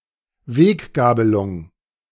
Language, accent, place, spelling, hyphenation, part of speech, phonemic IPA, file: German, Germany, Berlin, Weggabelung, Weg‧ga‧be‧lung, noun, /ˈveːkˌɡaːbəlʊŋ/, De-Weggabelung.ogg
- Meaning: fork (i.e. in a road/path), fork in the road